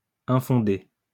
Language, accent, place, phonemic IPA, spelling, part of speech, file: French, France, Lyon, /ɛ̃.fɔ̃.de/, infondé, adjective, LL-Q150 (fra)-infondé.wav
- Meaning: unfounded, baseless, groundless